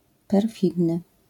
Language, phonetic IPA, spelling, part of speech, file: Polish, [pɛrˈfʲidnɨ], perfidny, adjective, LL-Q809 (pol)-perfidny.wav